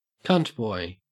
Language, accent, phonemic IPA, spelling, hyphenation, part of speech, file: English, Australia, /ˈkʌntbɔɪ/, cuntboy, cunt‧boy, noun, En-au-cuntboy.ogg
- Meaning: 1. An extremely submissive or dominated bottom; a pussyboy 2. A transgender man who has a vulva